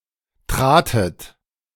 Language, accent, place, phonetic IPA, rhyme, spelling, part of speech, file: German, Germany, Berlin, [ˈtʁaːtət], -aːtət, tratet, verb, De-tratet.ogg
- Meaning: second-person plural preterite of treten